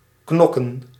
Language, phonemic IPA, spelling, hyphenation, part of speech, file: Dutch, /ˈknɔ.kə(n)/, knokken, knok‧ken, verb / noun, Nl-knokken.ogg
- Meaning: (verb) 1. to brawl, to fight (physically) 2. to hit, beat, dust up; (noun) plural of knok